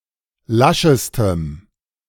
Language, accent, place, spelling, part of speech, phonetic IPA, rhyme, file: German, Germany, Berlin, laschestem, adjective, [ˈlaʃəstəm], -aʃəstəm, De-laschestem.ogg
- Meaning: strong dative masculine/neuter singular superlative degree of lasch